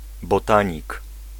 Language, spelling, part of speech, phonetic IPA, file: Polish, botanik, noun, [bɔˈtãɲik], Pl-botanik.ogg